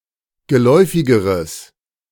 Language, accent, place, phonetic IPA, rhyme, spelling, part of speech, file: German, Germany, Berlin, [ɡəˈlɔɪ̯fɪɡəʁəs], -ɔɪ̯fɪɡəʁəs, geläufigeres, adjective, De-geläufigeres.ogg
- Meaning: strong/mixed nominative/accusative neuter singular comparative degree of geläufig